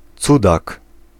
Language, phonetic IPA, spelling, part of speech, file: Polish, [ˈt͡sudak], cudak, noun, Pl-cudak.ogg